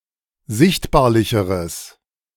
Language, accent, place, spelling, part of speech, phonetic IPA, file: German, Germany, Berlin, sichtbarlicheres, adjective, [ˈzɪçtbaːɐ̯lɪçəʁəs], De-sichtbarlicheres.ogg
- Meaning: strong/mixed nominative/accusative neuter singular comparative degree of sichtbarlich